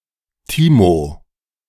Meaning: a diminutive of the male given names Timotheus and Dietmar, popular since the 1980's
- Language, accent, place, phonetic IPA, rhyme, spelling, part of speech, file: German, Germany, Berlin, [ˈtiːmo], -iːmo, Timo, proper noun, De-Timo.ogg